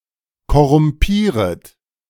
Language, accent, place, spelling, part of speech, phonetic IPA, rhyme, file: German, Germany, Berlin, korrumpieret, verb, [kɔʁʊmˈpiːʁət], -iːʁət, De-korrumpieret.ogg
- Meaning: second-person plural subjunctive I of korrumpieren